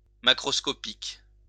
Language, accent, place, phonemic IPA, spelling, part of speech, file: French, France, Lyon, /ma.kʁɔs.kɔ.pik/, macroscopique, adjective, LL-Q150 (fra)-macroscopique.wav
- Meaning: macroscopic